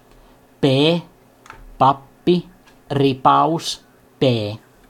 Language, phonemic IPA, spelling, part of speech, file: Finnish, /p/, p, character / noun, Fi-p.ogg
- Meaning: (character) The sixteenth letter of the Finnish alphabet, called pee and written in the Latin script; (noun) abbreviation of penni (“penny”) (no longer used)